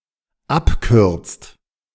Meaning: inflection of abkürzen: 1. second/third-person singular dependent present 2. second-person plural dependent present
- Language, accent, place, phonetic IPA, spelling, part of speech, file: German, Germany, Berlin, [ˈapˌkʏʁt͡st], abkürzt, verb, De-abkürzt.ogg